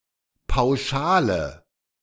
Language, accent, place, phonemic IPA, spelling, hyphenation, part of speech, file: German, Germany, Berlin, /paʊ̯ˈʃaːlə/, Pauschale, Pau‧scha‧le, noun, De-Pauschale.ogg
- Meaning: 1. lump sum 2. flat rate